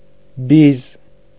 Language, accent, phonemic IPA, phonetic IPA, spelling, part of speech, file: Armenian, Eastern Armenian, /biz/, [biz], բիզ, noun / adjective, Hy-բիզ.ogg
- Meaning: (noun) awl; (adjective) pointed, sharp